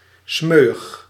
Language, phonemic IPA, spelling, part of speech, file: Dutch, /ˈsmøː.(j)əx/, smeuïg, adjective, Nl-smeuïg.ogg
- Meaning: 1. smoothable, bendable 2. spreadable 3. racy, exciting, titillating 4. expressive use of language, in order to sound funny or interesting